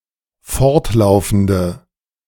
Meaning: inflection of fortlaufend: 1. strong/mixed nominative/accusative feminine singular 2. strong nominative/accusative plural 3. weak nominative all-gender singular
- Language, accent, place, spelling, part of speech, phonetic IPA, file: German, Germany, Berlin, fortlaufende, adjective, [ˈfɔʁtˌlaʊ̯fn̩də], De-fortlaufende.ogg